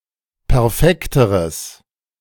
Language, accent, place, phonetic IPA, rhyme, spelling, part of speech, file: German, Germany, Berlin, [pɛʁˈfɛktəʁəs], -ɛktəʁəs, perfekteres, adjective, De-perfekteres.ogg
- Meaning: strong/mixed nominative/accusative neuter singular comparative degree of perfekt